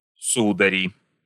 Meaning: nominative plural of су́дарь (súdarʹ)
- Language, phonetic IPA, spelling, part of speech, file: Russian, [ˈsudərʲɪ], судари, noun, Ru-судари.ogg